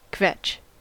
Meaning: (verb) To whine or complain, often needlessly and incessantly; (noun) A person who endlessly whines or complains; a person who finds fault with anything
- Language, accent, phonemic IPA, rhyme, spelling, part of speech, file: English, US, /kvɛt͡ʃ/, -ɛtʃ, kvetch, verb / noun, En-us-kvetch.ogg